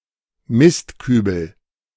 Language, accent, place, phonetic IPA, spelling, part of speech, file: German, Germany, Berlin, [ˈmɪstˌkyːbl̩], Mistkübel, noun, De-Mistkübel.ogg
- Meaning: rubbish bin